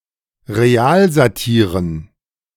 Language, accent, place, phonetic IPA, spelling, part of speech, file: German, Germany, Berlin, [ʁeˈaːlzaˌtiːʁən], Realsatiren, noun, De-Realsatiren.ogg
- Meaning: dative plural of Realsatire